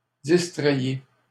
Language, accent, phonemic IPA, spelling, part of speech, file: French, Canada, /dis.tʁɛj.je/, distrayiez, verb, LL-Q150 (fra)-distrayiez.wav
- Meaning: inflection of distraire: 1. second-person plural imperfect indicative 2. second-person plural present subjunctive